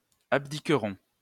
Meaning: third-person plural future of abdiquer
- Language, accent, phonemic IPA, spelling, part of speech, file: French, France, /ab.di.kʁɔ̃/, abdiqueront, verb, LL-Q150 (fra)-abdiqueront.wav